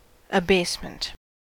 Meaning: The act of abasing, humbling, or bringing low
- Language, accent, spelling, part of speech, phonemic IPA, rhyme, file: English, US, abasement, noun, /əˈbeɪs.mənt/, -eɪsmənt, En-us-abasement.ogg